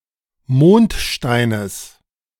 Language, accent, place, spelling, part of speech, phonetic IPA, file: German, Germany, Berlin, Mondsteines, noun, [ˈmoːntˌʃtaɪ̯nəs], De-Mondsteines.ogg
- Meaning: genitive singular of Mondstein